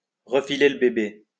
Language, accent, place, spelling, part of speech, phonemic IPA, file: French, France, Lyon, refiler le bébé, verb, /ʁə.fi.le l(ə) be.be/, LL-Q150 (fra)-refiler le bébé.wav
- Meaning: to leave (someone) holding the bag, to palm a problem off to, to unload a problem on